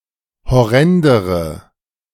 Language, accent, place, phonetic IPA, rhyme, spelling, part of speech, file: German, Germany, Berlin, [hɔˈʁɛndəʁə], -ɛndəʁə, horrendere, adjective, De-horrendere.ogg
- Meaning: inflection of horrend: 1. strong/mixed nominative/accusative feminine singular comparative degree 2. strong nominative/accusative plural comparative degree